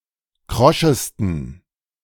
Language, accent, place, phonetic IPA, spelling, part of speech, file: German, Germany, Berlin, [ˈkʁɔʃəstn̩], kroschesten, adjective, De-kroschesten.ogg
- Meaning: 1. superlative degree of krosch 2. inflection of krosch: strong genitive masculine/neuter singular superlative degree